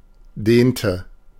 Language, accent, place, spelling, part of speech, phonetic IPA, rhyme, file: German, Germany, Berlin, dehnte, verb, [ˈdeːntə], -eːntə, De-dehnte.ogg
- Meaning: inflection of dehnen: 1. first/third-person singular preterite 2. first/third-person singular subjunctive II